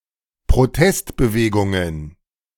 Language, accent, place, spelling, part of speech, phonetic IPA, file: German, Germany, Berlin, Protestbewegungen, noun, [pʁoˈtɛstbəˌveːɡʊŋən], De-Protestbewegungen.ogg
- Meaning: plural of Protestbewegung